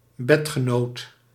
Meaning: 1. a bedfellow, bedmate; one of several persons sharing a bed 2. a sex partner, someone with whom one has sex
- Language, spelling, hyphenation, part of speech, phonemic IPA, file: Dutch, bedgenoot, bed‧ge‧noot, noun, /ˈbɛt.xəˌnoːt/, Nl-bedgenoot.ogg